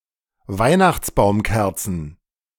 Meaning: plural of Weihnachtsbaumkerze
- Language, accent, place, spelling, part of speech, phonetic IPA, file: German, Germany, Berlin, Weihnachtsbaumkerzen, noun, [ˈvaɪ̯naxt͡sbaʊ̯mˌkɛʁt͡sn̩], De-Weihnachtsbaumkerzen.ogg